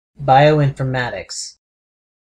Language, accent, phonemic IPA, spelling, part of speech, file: English, US, /ˌbaɪoʊˌɪnfɚˈmætɪks/, bioinformatics, noun, En-us-bioinformatics.ogg
- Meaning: A field of science in which biology, computer science, and information technology merge into a single discipline to analyse biological information using computers and statistical techniques